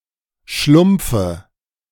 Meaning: dative of Schlumpf
- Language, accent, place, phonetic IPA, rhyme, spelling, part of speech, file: German, Germany, Berlin, [ˈʃlʊmp͡fə], -ʊmp͡fə, Schlumpfe, noun, De-Schlumpfe.ogg